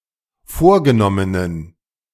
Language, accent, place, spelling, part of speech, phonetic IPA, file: German, Germany, Berlin, vorgenommenen, adjective, [ˈfoːɐ̯ɡəˌnɔmənən], De-vorgenommenen.ogg
- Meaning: inflection of vorgenommen: 1. strong genitive masculine/neuter singular 2. weak/mixed genitive/dative all-gender singular 3. strong/weak/mixed accusative masculine singular 4. strong dative plural